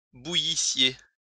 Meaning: second-person singular imperfect subjunctive of bouillir
- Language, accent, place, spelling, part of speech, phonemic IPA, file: French, France, Lyon, bouillissiez, verb, /bu.ji.sje/, LL-Q150 (fra)-bouillissiez.wav